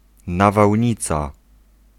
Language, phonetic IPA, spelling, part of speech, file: Polish, [ˌnavawʲˈɲit͡sa], nawałnica, noun, Pl-nawałnica.ogg